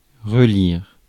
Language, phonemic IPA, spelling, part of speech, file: French, /ʁə.liʁ/, relire, verb, Fr-relire.ogg
- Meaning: 1. to reread, to read again 2. to proofread, to read through (look for mistakes)